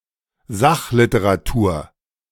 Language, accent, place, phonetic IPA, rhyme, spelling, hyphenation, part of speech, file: German, Germany, Berlin, [ˈzaχlɪtəʁaˌtuːɐ̯], -uːɐ̯, Sachliteratur, Sach‧li‧te‧ra‧tur, noun, De-Sachliteratur.ogg
- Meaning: nonfiction